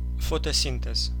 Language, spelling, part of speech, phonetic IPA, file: Russian, фотосинтез, noun, [ˌfotɐˈsʲintɨs], Ru-фотосинтез.ogg
- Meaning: photosynthesis (biological process)